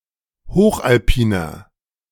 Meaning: inflection of hochalpin: 1. strong/mixed nominative masculine singular 2. strong genitive/dative feminine singular 3. strong genitive plural
- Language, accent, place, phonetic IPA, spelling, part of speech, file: German, Germany, Berlin, [ˈhoːxʔalˌpiːnɐ], hochalpiner, adjective, De-hochalpiner.ogg